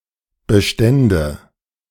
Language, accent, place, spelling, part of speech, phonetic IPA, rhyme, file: German, Germany, Berlin, bestände, verb, [bəˈʃtɛndə], -ɛndə, De-bestände.ogg
- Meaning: first/third-person singular subjunctive II of bestehen